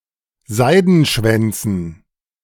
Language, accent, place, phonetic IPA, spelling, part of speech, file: German, Germany, Berlin, [ˈzaɪ̯dn̩ˌʃvɛnt͡sn̩], Seidenschwänzen, noun, De-Seidenschwänzen.ogg
- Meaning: dative plural of Seidenschwanz